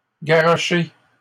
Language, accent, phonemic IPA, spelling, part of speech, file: French, Canada, /ɡa.ʁɔ.ʃe/, garrochées, verb, LL-Q150 (fra)-garrochées.wav
- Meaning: feminine plural of garroché